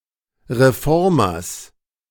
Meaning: genitive singular of Reformer
- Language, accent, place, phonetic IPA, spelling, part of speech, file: German, Germany, Berlin, [ʁeˈfɔʁmɐs], Reformers, noun, De-Reformers.ogg